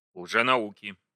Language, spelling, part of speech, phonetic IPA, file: Russian, лженауки, noun, [ɫʐɨnɐˈukʲɪ], Ru-лженауки.ogg
- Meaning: inflection of лженау́ка (lženaúka): 1. genitive singular 2. nominative/accusative plural